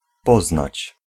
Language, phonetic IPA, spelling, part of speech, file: Polish, [ˈpɔznat͡ɕ], poznać, verb, Pl-poznać.ogg